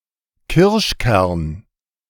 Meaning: cherry pit, cherry stone
- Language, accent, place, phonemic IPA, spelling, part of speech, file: German, Germany, Berlin, /ˈkɪʁʃˌkɛʁn/, Kirschkern, noun, De-Kirschkern.ogg